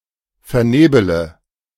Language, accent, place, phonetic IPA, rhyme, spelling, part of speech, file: German, Germany, Berlin, [fɛɐ̯ˈneːbələ], -eːbələ, vernebele, verb, De-vernebele.ogg
- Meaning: inflection of vernebeln: 1. first-person singular present 2. first-person plural subjunctive I 3. third-person singular subjunctive I 4. singular imperative